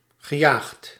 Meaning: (verb) past participle of jagen; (adjective) hurried, nervous, agitated
- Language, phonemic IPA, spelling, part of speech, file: Dutch, /ɣəˈjaxt/, gejaagd, verb / adjective, Nl-gejaagd.ogg